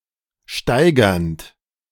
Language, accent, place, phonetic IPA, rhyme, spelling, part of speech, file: German, Germany, Berlin, [ˈʃtaɪ̯ɡɐnt], -aɪ̯ɡɐnt, steigernd, verb, De-steigernd.ogg
- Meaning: present participle of steigern